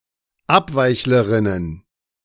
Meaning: plural of Abweichlerin
- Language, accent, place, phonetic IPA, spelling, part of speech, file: German, Germany, Berlin, [ˈapˌvaɪ̯çləˌʁɪnən], Abweichlerinnen, noun, De-Abweichlerinnen.ogg